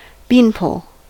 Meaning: 1. A thin pole for supporting bean vines 2. A tall, thin person
- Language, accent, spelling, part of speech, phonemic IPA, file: English, US, beanpole, noun, /ˈbinˌpoʊl/, En-us-beanpole.ogg